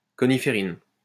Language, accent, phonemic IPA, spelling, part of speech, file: French, France, /kɔ.ni.fe.ʁin/, coniférine, noun, LL-Q150 (fra)-coniférine.wav
- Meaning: coniferin